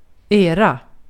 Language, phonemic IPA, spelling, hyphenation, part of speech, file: Swedish, /eːra/, era, e‧ra, pronoun / noun, Sv-era.ogg
- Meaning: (pronoun) 1. your, yours (possessed by the multiple individuals addressed, of multiple things) 2. you (vocative determiner used before a plural noun, regardless of gender); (noun) an era